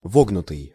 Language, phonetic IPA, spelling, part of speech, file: Russian, [ˈvoɡnʊtɨj], вогнутый, verb / adjective, Ru-вогнутый.ogg
- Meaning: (verb) past passive perfective participle of вогну́ть (vognútʹ); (adjective) concave